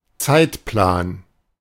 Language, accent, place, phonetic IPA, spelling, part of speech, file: German, Germany, Berlin, [ˈt͡saɪ̯tˌplaːn], Zeitplan, noun, De-Zeitplan.ogg
- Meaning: timetable, schedule